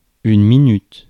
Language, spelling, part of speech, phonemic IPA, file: French, minute, noun / interjection / verb, /mi.nyt/, Fr-minute.ogg
- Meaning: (noun) minute (etymology 1, time unit, all same senses); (interjection) wait a sec!; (verb) inflection of minuter: first/third-person singular present indicative/subjunctive